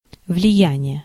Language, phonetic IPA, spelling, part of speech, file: Russian, [vlʲɪˈjænʲɪje], влияние, noun, Ru-влияние.ogg
- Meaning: 1. influence, effect 2. weight, credibility, power